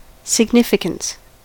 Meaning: 1. The extent to which something matters; importance 2. Meaning
- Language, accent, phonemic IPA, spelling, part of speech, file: English, US, /sɪɡˈnɪfɪkəns/, significance, noun, En-us-significance.ogg